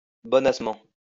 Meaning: 1. meekly, simplemindedly 2. sexily
- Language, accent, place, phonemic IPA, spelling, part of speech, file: French, France, Lyon, /bɔ.nas.mɑ̃/, bonassement, adverb, LL-Q150 (fra)-bonassement.wav